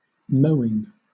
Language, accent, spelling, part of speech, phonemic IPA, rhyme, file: English, Southern England, mowing, verb / noun, /ˈməʊ.ɪŋ/, -əʊɪŋ, LL-Q1860 (eng)-mowing.wav
- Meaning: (verb) present participle and gerund of mow; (noun) 1. The activity by which something is mown 2. Land from which grass is cut 3. The grass clippings resulting from mowing